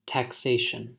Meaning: 1. The act of imposing taxes and the fact of being taxed 2. A particular system of taxing people or companies 3. The revenue gained from taxes
- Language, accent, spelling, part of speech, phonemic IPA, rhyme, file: English, US, taxation, noun, /tækˈseɪ.ʃən/, -eɪʃən, En-us-taxation.ogg